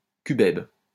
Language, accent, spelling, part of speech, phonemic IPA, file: French, France, cubèbe, noun, /ky.bɛb/, LL-Q150 (fra)-cubèbe.wav
- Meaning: cubeb